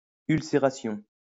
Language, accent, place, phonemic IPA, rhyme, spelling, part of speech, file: French, France, Lyon, /yl.se.ʁa.sjɔ̃/, -ɔ̃, ulcération, noun, LL-Q150 (fra)-ulcération.wav
- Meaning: ulceration